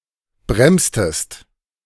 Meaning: inflection of bremsen: 1. second-person singular preterite 2. second-person singular subjunctive II
- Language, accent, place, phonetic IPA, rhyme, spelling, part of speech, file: German, Germany, Berlin, [ˈbʁɛmstəst], -ɛmstəst, bremstest, verb, De-bremstest.ogg